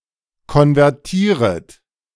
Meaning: second-person plural subjunctive I of konvertieren
- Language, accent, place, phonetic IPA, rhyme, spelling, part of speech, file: German, Germany, Berlin, [kɔnvɛʁˈtiːʁət], -iːʁət, konvertieret, verb, De-konvertieret.ogg